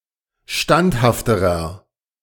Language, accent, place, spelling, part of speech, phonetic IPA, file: German, Germany, Berlin, standhafterer, adjective, [ˈʃtanthaftəʁɐ], De-standhafterer.ogg
- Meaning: inflection of standhaft: 1. strong/mixed nominative masculine singular comparative degree 2. strong genitive/dative feminine singular comparative degree 3. strong genitive plural comparative degree